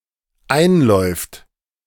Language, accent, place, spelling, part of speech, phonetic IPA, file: German, Germany, Berlin, einläuft, verb, [ˈaɪ̯nˌlɔɪ̯ft], De-einläuft.ogg
- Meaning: third-person singular dependent present of einlaufen